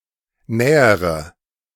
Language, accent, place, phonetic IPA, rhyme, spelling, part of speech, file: German, Germany, Berlin, [ˈnɛːəʁə], -ɛːəʁə, nähere, adjective / verb, De-nähere.ogg
- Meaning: inflection of nähern: 1. first-person singular present 2. first/third-person singular subjunctive I 3. singular imperative